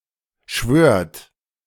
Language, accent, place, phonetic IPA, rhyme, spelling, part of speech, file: German, Germany, Berlin, [ʃvøːɐ̯t], -øːɐ̯t, schwört, verb, De-schwört.ogg
- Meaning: second-person plural present of schwören